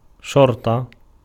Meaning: 1. vanguard, choice men of the army 2. police 3. policemen 4. police squad, plural: شُرَط (šuraṭ) 5. bodyguard, henchman
- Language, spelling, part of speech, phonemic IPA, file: Arabic, شرطة, noun, /ʃur.tˤa/, Ar-شرطة.ogg